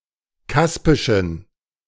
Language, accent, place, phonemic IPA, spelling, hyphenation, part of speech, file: German, Germany, Berlin, /ˈkaspɪʃn̩/, kaspischen, kas‧pi‧schen, adjective, De-kaspischen.ogg
- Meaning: inflection of kaspisch: 1. strong genitive masculine/neuter singular 2. weak/mixed genitive/dative all-gender singular 3. strong/weak/mixed accusative masculine singular 4. strong dative plural